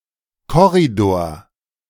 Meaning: 1. corridor 2. hallway, hall, foyer
- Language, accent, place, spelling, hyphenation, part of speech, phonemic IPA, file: German, Germany, Berlin, Korridor, Kor‧ri‧dor, noun, /ˈkɔʁidoːɐ̯/, De-Korridor.ogg